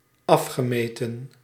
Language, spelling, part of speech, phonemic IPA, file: Dutch, afgemeten, verb / adjective, /ˈɑfxəˌmetə(n)/, Nl-afgemeten.ogg
- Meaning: past participle of afmeten